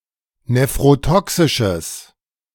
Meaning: strong/mixed nominative/accusative neuter singular of nephrotoxisch
- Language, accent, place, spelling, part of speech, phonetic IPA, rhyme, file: German, Germany, Berlin, nephrotoxisches, adjective, [nefʁoˈtɔksɪʃəs], -ɔksɪʃəs, De-nephrotoxisches.ogg